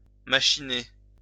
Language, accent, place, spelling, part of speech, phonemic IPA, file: French, France, Lyon, machiner, verb, /ma.ʃi.ne/, LL-Q150 (fra)-machiner.wav
- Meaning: 1. to equip with machines 2. to machinate 3. to scheme